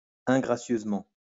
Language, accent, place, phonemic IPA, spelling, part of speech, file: French, France, Lyon, /ɛ̃.ɡʁa.sjøz.mɑ̃/, ingracieusement, adverb, LL-Q150 (fra)-ingracieusement.wav
- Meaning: ungraciously